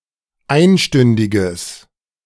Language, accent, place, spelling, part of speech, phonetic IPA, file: German, Germany, Berlin, einstündiges, adjective, [ˈaɪ̯nˌʃtʏndɪɡəs], De-einstündiges.ogg
- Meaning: strong/mixed nominative/accusative neuter singular of einstündig